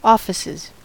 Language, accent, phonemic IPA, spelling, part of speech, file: English, US, /ˈɔ.fɪ.sɪz/, offices, noun / verb, En-us-offices.ogg
- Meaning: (noun) plural of office; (verb) third-person singular simple present indicative of office